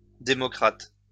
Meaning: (adjective) plural of démocrate
- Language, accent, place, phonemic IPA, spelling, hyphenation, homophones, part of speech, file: French, France, Lyon, /de.mɔ.kʁat/, démocrates, dé‧mo‧crates, démocrate, adjective / noun, LL-Q150 (fra)-démocrates.wav